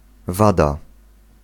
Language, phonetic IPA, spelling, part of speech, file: Polish, [ˈvada], wada, noun, Pl-wada.ogg